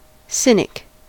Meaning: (noun) 1. A person whose outlook is scornfully negative 2. A person who believes that all people are motivated by selfishness; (adjective) 1. Synonym of cynical 2. Relating to the Dog Star
- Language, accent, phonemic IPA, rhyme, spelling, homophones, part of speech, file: English, US, /ˈsɪnɪk/, -ɪnɪk, cynic, Sinic, noun / adjective, En-us-cynic.ogg